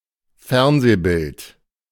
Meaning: TV picture / image
- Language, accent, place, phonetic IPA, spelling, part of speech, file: German, Germany, Berlin, [ˈfɛʁnzeːˌbɪlt], Fernsehbild, noun, De-Fernsehbild.ogg